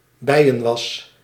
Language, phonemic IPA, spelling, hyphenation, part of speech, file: Dutch, /ˈbɛi̯.ə(n)ˌʋɑs/, bijenwas, bij‧en‧was, noun, Nl-bijenwas.ogg
- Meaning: beeswax